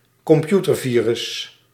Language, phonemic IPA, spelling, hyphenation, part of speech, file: Dutch, /kɔmˈpju.tərˌviː.rʏs/, computervirus, com‧pu‧ter‧vi‧rus, noun, Nl-computervirus.ogg
- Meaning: a computer virus (an infectious program)